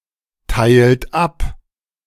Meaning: inflection of abteilen: 1. second-person plural present 2. third-person singular present 3. plural imperative
- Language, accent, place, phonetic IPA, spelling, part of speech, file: German, Germany, Berlin, [ˌtaɪ̯lt ˈap], teilt ab, verb, De-teilt ab.ogg